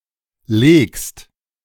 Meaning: second-person singular present of legen
- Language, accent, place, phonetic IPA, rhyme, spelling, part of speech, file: German, Germany, Berlin, [leːkst], -eːkst, legst, verb, De-legst.ogg